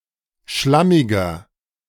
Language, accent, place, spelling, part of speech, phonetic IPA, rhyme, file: German, Germany, Berlin, schlammiger, adjective, [ˈʃlamɪɡɐ], -amɪɡɐ, De-schlammiger.ogg
- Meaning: 1. comparative degree of schlammig 2. inflection of schlammig: strong/mixed nominative masculine singular 3. inflection of schlammig: strong genitive/dative feminine singular